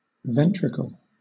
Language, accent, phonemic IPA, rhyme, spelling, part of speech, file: English, Southern England, /ˈvɛn.tɹɪk.əl/, -ɛntɹɪkəl, ventricle, noun, LL-Q1860 (eng)-ventricle.wav
- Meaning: Any small cavity within a body; a hollow part or organ, especially: One of two lower chambers of the heart